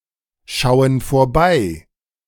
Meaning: inflection of vorbeischauen: 1. first/third-person plural present 2. first/third-person plural subjunctive I
- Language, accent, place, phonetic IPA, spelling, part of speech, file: German, Germany, Berlin, [ˌʃaʊ̯ən foːɐ̯ˈbaɪ̯], schauen vorbei, verb, De-schauen vorbei.ogg